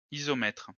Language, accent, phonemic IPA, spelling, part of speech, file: French, France, /i.zɔ.mɛtʁ/, isomètre, adjective, LL-Q150 (fra)-isomètre.wav
- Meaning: isometric